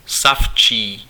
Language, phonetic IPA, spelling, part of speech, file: Czech, [ˈsaft͡ʃiː], savčí, adjective, Cs-savčí.ogg
- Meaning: mammal, mammalian